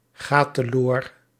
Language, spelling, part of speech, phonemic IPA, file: Dutch, ga teloor, verb, /ˈɣa təˈlor/, Nl-ga teloor.ogg
- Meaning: inflection of teloorgaan: 1. first-person singular present indicative 2. second-person singular present indicative 3. imperative 4. singular present subjunctive